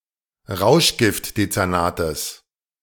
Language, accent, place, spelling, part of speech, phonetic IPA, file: German, Germany, Berlin, Rauschgiftdezernates, noun, [ˈʁaʊ̯ʃɡɪftdet͡sɛʁˌnaːtəs], De-Rauschgiftdezernates.ogg
- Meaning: genitive singular of Rauschgiftdezernat